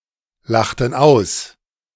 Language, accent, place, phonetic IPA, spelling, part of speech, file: German, Germany, Berlin, [ˌlaxtn̩ ˈaʊ̯s], lachten aus, verb, De-lachten aus.ogg
- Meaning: inflection of auslachen: 1. first/third-person plural preterite 2. first/third-person plural subjunctive II